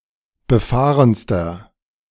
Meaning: inflection of befahren: 1. strong/mixed nominative masculine singular superlative degree 2. strong genitive/dative feminine singular superlative degree 3. strong genitive plural superlative degree
- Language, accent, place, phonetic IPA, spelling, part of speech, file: German, Germany, Berlin, [bəˈfaːʁənstɐ], befahrenster, adjective, De-befahrenster.ogg